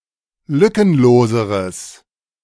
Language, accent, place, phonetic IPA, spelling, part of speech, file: German, Germany, Berlin, [ˈlʏkənˌloːzəʁəs], lückenloseres, adjective, De-lückenloseres.ogg
- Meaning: strong/mixed nominative/accusative neuter singular comparative degree of lückenlos